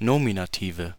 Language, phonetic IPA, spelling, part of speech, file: German, [ˈnoːminaˌtiːvə], Nominative, noun, De-Nominative.ogg
- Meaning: nominative/accusative/genitive plural of Nominativ